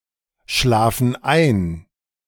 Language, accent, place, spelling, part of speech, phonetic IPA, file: German, Germany, Berlin, schlafen ein, verb, [ˌʃlaːfn̩ ˈaɪ̯n], De-schlafen ein.ogg
- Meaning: inflection of einschlafen: 1. first/third-person plural present 2. first/third-person plural subjunctive I